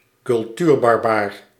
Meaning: Philistine, barbarian (person bereft of culture)
- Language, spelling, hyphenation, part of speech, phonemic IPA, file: Dutch, cultuurbarbaar, cul‧tuur‧bar‧baar, noun, /kʏlˈtyːr.bɑrˌbaːr/, Nl-cultuurbarbaar.ogg